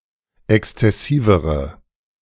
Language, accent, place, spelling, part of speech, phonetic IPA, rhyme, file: German, Germany, Berlin, exzessivere, adjective, [ˌɛkst͡sɛˈsiːvəʁə], -iːvəʁə, De-exzessivere.ogg
- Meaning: inflection of exzessiv: 1. strong/mixed nominative/accusative feminine singular comparative degree 2. strong nominative/accusative plural comparative degree